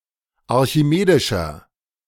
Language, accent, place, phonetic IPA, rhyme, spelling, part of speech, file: German, Germany, Berlin, [aʁçiˈmeːdɪʃɐ], -eːdɪʃɐ, archimedischer, adjective, De-archimedischer.ogg
- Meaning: inflection of archimedisch: 1. strong/mixed nominative masculine singular 2. strong genitive/dative feminine singular 3. strong genitive plural